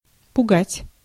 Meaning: 1. to frighten suddenly, to startle 2. to worry, to make anxious 3. to warn, to caution, to alert 4. to intimidate, to threaten, to browbeat
- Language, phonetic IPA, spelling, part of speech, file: Russian, [pʊˈɡatʲ], пугать, verb, Ru-пугать.ogg